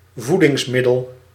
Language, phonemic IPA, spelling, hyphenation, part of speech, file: Dutch, /ˈvu.dɪŋsˌmɪ.dəl/, voedingsmiddel, voe‧dings‧mid‧del, noun, Nl-voedingsmiddel.ogg
- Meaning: food item, aliment, foodstuff